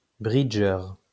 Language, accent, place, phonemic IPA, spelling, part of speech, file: French, France, Lyon, /bʁi.dʒœʁ/, bridgeur, noun, LL-Q150 (fra)-bridgeur.wav
- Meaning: bridge player